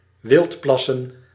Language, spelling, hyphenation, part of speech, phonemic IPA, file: Dutch, wildplassen, wild‧plas‧sen, verb, /ˈʋɪltˌplɑ.sə(n)/, Nl-wildplassen.ogg
- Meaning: to urinate in a public space outside of regular toilet facilities